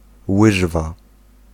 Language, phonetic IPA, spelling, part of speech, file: Polish, [ˈwɨʒva], łyżwa, noun, Pl-łyżwa.ogg